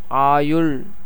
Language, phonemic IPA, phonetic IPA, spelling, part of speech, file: Tamil, /ɑːjʊɭ/, [äːjʊɭ], ஆயுள், noun / adverb, Ta-ஆயுள்.ogg
- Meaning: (noun) 1. lifetime 2. age; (adverb) then, at that time